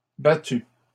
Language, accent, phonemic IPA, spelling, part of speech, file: French, Canada, /ba.ty/, battus, verb, LL-Q150 (fra)-battus.wav
- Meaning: masculine plural of battu